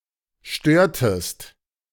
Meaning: inflection of stören: 1. second-person singular preterite 2. second-person singular subjunctive II
- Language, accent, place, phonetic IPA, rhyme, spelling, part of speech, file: German, Germany, Berlin, [ˈʃtøːɐ̯təst], -øːɐ̯təst, störtest, verb, De-störtest.ogg